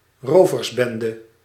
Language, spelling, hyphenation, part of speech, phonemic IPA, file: Dutch, roversbende, ro‧vers‧ben‧de, noun, /ˈroː.vərˌbɛn.də/, Nl-roversbende.ogg
- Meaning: gang/band of robbers